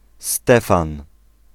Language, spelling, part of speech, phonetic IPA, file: Polish, Stefan, proper noun, [ˈstɛfãn], Pl-Stefan.ogg